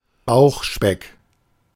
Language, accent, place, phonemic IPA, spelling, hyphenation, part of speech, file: German, Germany, Berlin, /ˈbaʊ̯xˌʃpɛk/, Bauchspeck, Bauch‧speck, noun, De-Bauchspeck.ogg
- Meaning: bacon